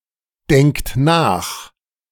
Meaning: inflection of nachdenken: 1. third-person singular present 2. second-person plural present 3. plural imperative
- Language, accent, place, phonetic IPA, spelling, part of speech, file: German, Germany, Berlin, [ˌdɛŋkt ˈnaːx], denkt nach, verb, De-denkt nach.ogg